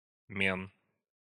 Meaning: genitive plural of ме́на (ména)
- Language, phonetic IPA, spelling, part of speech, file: Russian, [mʲen], мен, noun, Ru-мен.ogg